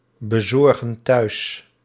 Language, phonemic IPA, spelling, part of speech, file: Dutch, /bəˈzɔrɣə(n) ˈtœys/, bezorgen thuis, verb, Nl-bezorgen thuis.ogg
- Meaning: inflection of thuisbezorgen: 1. plural present indicative 2. plural present subjunctive